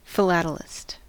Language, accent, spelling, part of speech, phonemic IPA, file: English, US, philatelist, noun, /fɪˈlætəlɪst/, En-us-philatelist.ogg
- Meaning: A person who collects and studies postage stamps